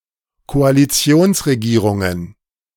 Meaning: plural of Koalitionsregierung
- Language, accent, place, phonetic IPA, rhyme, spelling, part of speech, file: German, Germany, Berlin, [koaliˈt͡si̯oːnsʁeˌɡiːʁʊŋən], -oːnsʁeɡiːʁʊŋən, Koalitionsregierungen, noun, De-Koalitionsregierungen.ogg